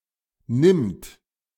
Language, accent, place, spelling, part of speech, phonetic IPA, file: German, Germany, Berlin, nimmt, verb, [nɪmt], De-nimmt.ogg
- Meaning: third-person singular present of nehmen